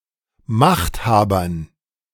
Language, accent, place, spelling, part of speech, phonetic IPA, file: German, Germany, Berlin, Machthabern, noun, [ˈmaxtˌhaːbɐn], De-Machthabern.ogg
- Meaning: dative plural of Machthaber